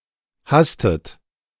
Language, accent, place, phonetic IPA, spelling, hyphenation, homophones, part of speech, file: German, Germany, Berlin, [ˈhastət], hastet, has‧tet, hasstet, verb, De-hastet.ogg
- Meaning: inflection of hasten: 1. second-person plural present 2. second-person plural subjunctive I 3. third-person singular present 4. plural imperative